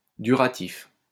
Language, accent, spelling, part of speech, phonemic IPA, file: French, France, duratif, adjective / noun, /dy.ʁa.tif/, LL-Q150 (fra)-duratif.wav
- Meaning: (adjective) durative (expressing continuing action); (noun) the durative case